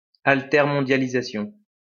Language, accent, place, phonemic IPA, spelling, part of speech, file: French, France, Lyon, /al.tɛʁ.mɔ̃.dja.li.za.sjɔ̃/, altermondialisation, noun, LL-Q150 (fra)-altermondialisation.wav
- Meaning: alter-globalization